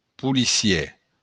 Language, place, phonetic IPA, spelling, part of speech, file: Occitan, Béarn, [pu.liˈsjɛ], policièr, adjective / noun, LL-Q14185 (oci)-policièr.wav
- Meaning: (adjective) police (attributive); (noun) police officer